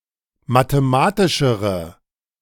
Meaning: inflection of mathematisch: 1. strong/mixed nominative/accusative feminine singular comparative degree 2. strong nominative/accusative plural comparative degree
- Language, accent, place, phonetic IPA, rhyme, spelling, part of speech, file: German, Germany, Berlin, [mateˈmaːtɪʃəʁə], -aːtɪʃəʁə, mathematischere, adjective, De-mathematischere.ogg